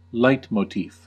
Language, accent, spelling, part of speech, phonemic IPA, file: English, US, leitmotif, noun, /ˈlaɪt.moʊˌtif/, En-us-leitmotif.ogg
- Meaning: 1. A melodic theme associated with a particular character, place, thing or idea in an opera 2. A recurring theme